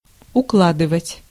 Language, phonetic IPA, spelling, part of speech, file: Russian, [ʊˈkɫadɨvətʲ], укладывать, verb, Ru-укладывать.ogg
- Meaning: 1. to lay 2. to pack up 3. to stow, to pile, to stack 4. to arrange, to style (in terms of hair)